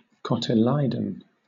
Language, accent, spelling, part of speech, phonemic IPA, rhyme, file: English, Southern England, cotyledon, noun, /ˌkɒt.ɪˈliː.dən/, -iːdən, LL-Q1860 (eng)-cotyledon.wav
- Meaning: Each of the patches of villi on the foetal chorion in the placenta of ruminants and some other mammals